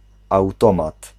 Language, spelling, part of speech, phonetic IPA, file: Polish, automat, noun, [awˈtɔ̃mat], Pl-automat.ogg